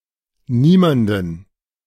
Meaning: accusative of niemand
- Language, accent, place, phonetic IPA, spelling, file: German, Germany, Berlin, [ˈniːmandən], niemanden, De-niemanden.ogg